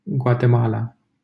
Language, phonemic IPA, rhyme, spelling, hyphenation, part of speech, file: Romanian, /ɡwa.teˈma.la/, -ala, Guatemala, Gua‧te‧ma‧la, proper noun, LL-Q7913 (ron)-Guatemala.wav
- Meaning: Guatemala (a country in northern Central America)